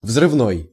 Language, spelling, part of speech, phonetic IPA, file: Russian, взрывной, adjective, [vzrɨvˈnoj], Ru-взрывной.ogg
- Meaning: 1. explosive 2. explosive, violent 3. plosive